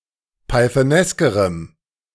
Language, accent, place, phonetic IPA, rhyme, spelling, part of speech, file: German, Germany, Berlin, [paɪ̯θəˈnɛskəʁəm], -ɛskəʁəm, pythoneskerem, adjective, De-pythoneskerem.ogg
- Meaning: strong dative masculine/neuter singular comparative degree of pythonesk